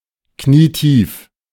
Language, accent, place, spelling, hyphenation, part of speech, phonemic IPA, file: German, Germany, Berlin, knietief, knie‧tief, adjective, /ˈkniːˈtiːf/, De-knietief.ogg
- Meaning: knee-deep